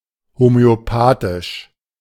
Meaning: homeopathic
- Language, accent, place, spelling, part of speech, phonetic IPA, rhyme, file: German, Germany, Berlin, homöopathisch, adjective, [homøoˈpaːtɪʃ], -aːtɪʃ, De-homöopathisch.ogg